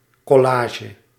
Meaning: 1. collage (image created by placing pictures on a surface) 2. collage (composite created by the assemblage of various works)
- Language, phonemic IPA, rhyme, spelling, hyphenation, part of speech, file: Dutch, /ˌkɔˈlaː.ʒə/, -aːʒə, collage, col‧la‧ge, noun, Nl-collage.ogg